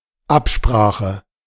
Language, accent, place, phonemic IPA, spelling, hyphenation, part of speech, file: German, Germany, Berlin, /ˈapˌʃpʁaːxə/, Absprache, Ab‧spra‧che, noun, De-Absprache.ogg
- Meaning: 1. agreement 2. collusion